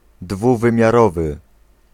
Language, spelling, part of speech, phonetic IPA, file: Polish, dwuwymiarowy, adjective, [ˌdvuvɨ̃mʲjaˈrɔvɨ], Pl-dwuwymiarowy.ogg